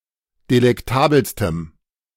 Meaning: strong dative masculine/neuter singular superlative degree of delektabel
- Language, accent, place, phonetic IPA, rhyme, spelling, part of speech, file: German, Germany, Berlin, [delɛkˈtaːbl̩stəm], -aːbl̩stəm, delektabelstem, adjective, De-delektabelstem.ogg